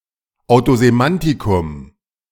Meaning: content word
- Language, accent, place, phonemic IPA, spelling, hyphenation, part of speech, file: German, Germany, Berlin, /aʊ̯tozeˈmantɪkʊm/, Autosemantikum, Au‧to‧se‧man‧ti‧kum, noun, De-Autosemantikum.ogg